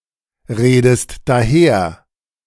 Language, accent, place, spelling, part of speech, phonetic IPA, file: German, Germany, Berlin, redest daher, verb, [ˌʁeːdəst daˈheːɐ̯], De-redest daher.ogg
- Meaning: inflection of daherreden: 1. second-person singular present 2. second-person singular subjunctive I